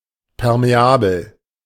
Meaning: permeable
- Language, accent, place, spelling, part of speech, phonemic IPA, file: German, Germany, Berlin, permeabel, adjective, /pɛʁmeˈʔaːbl̩/, De-permeabel.ogg